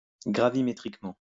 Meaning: gravimetrically
- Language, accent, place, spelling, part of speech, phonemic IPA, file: French, France, Lyon, gravimétriquement, adverb, /ɡʁa.vi.me.tʁik.mɑ̃/, LL-Q150 (fra)-gravimétriquement.wav